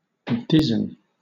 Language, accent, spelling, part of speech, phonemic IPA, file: English, Southern England, dizen, verb, /ˈdɪzən/, LL-Q1860 (eng)-dizen.wav
- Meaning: 1. To dress with flax for spinning 2. To dress with clothes; attire; deck; bedizen 3. To dress showily; adorn; dress out